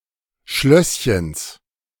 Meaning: genitive singular of Schlösschen
- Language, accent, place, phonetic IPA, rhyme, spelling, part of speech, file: German, Germany, Berlin, [ˈʃlœsçəns], -œsçəns, Schlösschens, noun, De-Schlösschens.ogg